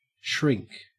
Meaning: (verb) 1. To cause to become smaller 2. To become smaller; to contract 3. To cower or flinch 4. To draw back; to withdraw 5. To withdraw or retire, as from danger
- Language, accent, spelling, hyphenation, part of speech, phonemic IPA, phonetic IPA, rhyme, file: English, Australia, shrink, shrink, verb / noun, /ˈʃɹɪŋk/, [ˈʃʰɹʷɪŋk], -ɪŋk, En-au-shrink.ogg